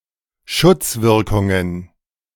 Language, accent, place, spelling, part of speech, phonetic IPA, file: German, Germany, Berlin, Schutzwirkungen, noun, [ˈʃʊt͡sˌvɪʁkʊŋən], De-Schutzwirkungen.ogg
- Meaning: plural of Schutzwirkung